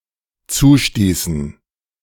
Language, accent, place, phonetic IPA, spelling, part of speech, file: German, Germany, Berlin, [ˈt͡suːˌʃtiːsn̩], zustießen, verb, De-zustießen.ogg
- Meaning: inflection of zustoßen: 1. first/third-person plural dependent preterite 2. first/third-person plural dependent subjunctive II